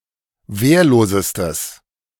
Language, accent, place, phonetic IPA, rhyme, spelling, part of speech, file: German, Germany, Berlin, [ˈveːɐ̯loːzəstəs], -eːɐ̯loːzəstəs, wehrlosestes, adjective, De-wehrlosestes.ogg
- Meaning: strong/mixed nominative/accusative neuter singular superlative degree of wehrlos